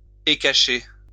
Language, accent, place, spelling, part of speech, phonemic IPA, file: French, France, Lyon, écacher, verb, /e.ka.ʃe/, LL-Q150 (fra)-écacher.wav
- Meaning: to flatten